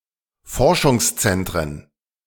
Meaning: plural of Forschungszentrum
- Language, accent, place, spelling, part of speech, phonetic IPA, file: German, Germany, Berlin, Forschungszentren, noun, [ˈfɔʁʃʊŋsˌt͡sɛntʁən], De-Forschungszentren.ogg